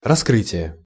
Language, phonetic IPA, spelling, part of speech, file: Russian, [rɐˈskrɨtʲɪje], раскрытие, noun, Ru-раскрытие.ogg
- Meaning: 1. opening 2. disclosure 3. solving, exposure 4. discovery